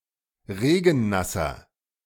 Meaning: inflection of regennass: 1. strong/mixed nominative masculine singular 2. strong genitive/dative feminine singular 3. strong genitive plural
- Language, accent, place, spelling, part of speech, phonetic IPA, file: German, Germany, Berlin, regennasser, adjective, [ˈʁeːɡn̩ˌnasɐ], De-regennasser.ogg